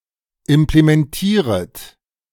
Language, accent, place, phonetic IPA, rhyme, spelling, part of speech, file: German, Germany, Berlin, [ɪmplemɛnˈtiːʁət], -iːʁət, implementieret, verb, De-implementieret.ogg
- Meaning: second-person plural subjunctive I of implementieren